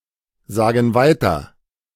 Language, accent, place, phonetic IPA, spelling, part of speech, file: German, Germany, Berlin, [ˌzaːɡn̩ ˈvaɪ̯tɐ], sagen weiter, verb, De-sagen weiter.ogg
- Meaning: inflection of weitersagen: 1. first/third-person plural present 2. first/third-person plural subjunctive I